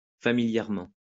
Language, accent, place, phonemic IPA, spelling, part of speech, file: French, France, Lyon, /fa.mi.ljɛʁ.mɑ̃/, familièrement, adverb, LL-Q150 (fra)-familièrement.wav
- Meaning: colloquially; informally